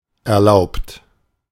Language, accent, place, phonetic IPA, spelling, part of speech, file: German, Germany, Berlin, [ɛɐ̯ˈlaʊ̯pt], erlaubt, verb / adjective, De-erlaubt.ogg
- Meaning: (verb) past participle of erlauben; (adjective) allowed, allowable, permissible; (verb) inflection of erlauben: 1. third-person singular present 2. second-person plural present 3. plural imperative